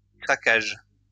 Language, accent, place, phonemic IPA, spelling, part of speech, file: French, France, Lyon, /kʁa.kaʒ/, craquage, noun, LL-Q150 (fra)-craquage.wav
- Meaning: cracking (of petroleum)